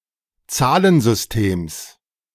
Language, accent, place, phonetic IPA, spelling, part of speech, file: German, Germany, Berlin, [ˈt͡saːlənzʏsˌteːms], Zahlensystems, noun, De-Zahlensystems.ogg
- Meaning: genitive singular of Zahlensystem